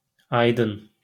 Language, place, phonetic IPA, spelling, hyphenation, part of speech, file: Azerbaijani, Baku, [ɑjˈdɯn], aydın, ay‧dın, adjective / noun, LL-Q9292 (aze)-aydın.wav
- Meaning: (adjective) 1. bright 2. clear; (noun) intellectual